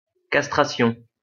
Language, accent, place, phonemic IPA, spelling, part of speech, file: French, France, Lyon, /kas.tʁa.sjɔ̃/, castration, noun, LL-Q150 (fra)-castration.wav
- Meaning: castration